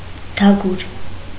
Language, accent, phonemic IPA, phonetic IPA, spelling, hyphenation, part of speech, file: Armenian, Eastern Armenian, /dɑˈɡuɾ/, [dɑɡúɾ], դագուր, դա‧գուր, noun, Hy-դագուր.ogg
- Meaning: alternative form of դակուր (dakur)